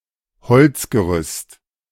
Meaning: wooden scaffolding, timber scaffolding
- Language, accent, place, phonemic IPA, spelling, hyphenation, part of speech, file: German, Germany, Berlin, /ˈhɔlt͡sɡəˌʁʏst/, Holzgerüst, Holz‧ge‧rüst, noun, De-Holzgerüst.ogg